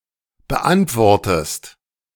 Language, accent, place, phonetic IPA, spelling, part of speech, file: German, Germany, Berlin, [bəˈʔantvɔʁtəst], beantwortest, verb, De-beantwortest.ogg
- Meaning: inflection of beantworten: 1. second-person singular present 2. second-person singular subjunctive I